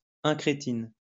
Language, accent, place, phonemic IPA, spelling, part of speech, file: French, France, Lyon, /ɛ̃.kʁe.tin/, incrétine, noun, LL-Q150 (fra)-incrétine.wav
- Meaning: incretin